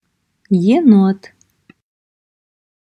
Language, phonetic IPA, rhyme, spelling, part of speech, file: Russian, [(j)ɪˈnot], -ot, енот, noun, Аудио для слова "енот".wav
- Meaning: 1. raccoon (mammal) 2. raccoon fur, coonskin 3. genet